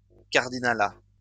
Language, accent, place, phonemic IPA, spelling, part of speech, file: French, France, Lyon, /kaʁ.di.na.la/, cardinalat, noun, LL-Q150 (fra)-cardinalat.wav
- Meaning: cardinalate